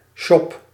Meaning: shop
- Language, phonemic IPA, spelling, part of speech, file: Dutch, /ʃɔp/, shop, noun / verb, Nl-shop.ogg